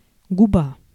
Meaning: 1. lip 2. tip of certain instruments (e.g. forceps) 3. polypore 4. sponge 5. bay or inlet of a sea or lake (usually at the mouth of a large river) 6. stockade (prison)
- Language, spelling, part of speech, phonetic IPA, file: Russian, губа, noun, [ɡʊˈba], Ru-губа.ogg